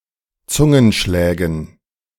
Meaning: dative plural of Zungenschlag
- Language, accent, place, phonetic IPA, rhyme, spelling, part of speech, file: German, Germany, Berlin, [ˈt͡sʊŋənˌʃlɛːɡn̩], -ʊŋənʃlɛːɡn̩, Zungenschlägen, noun, De-Zungenschlägen.ogg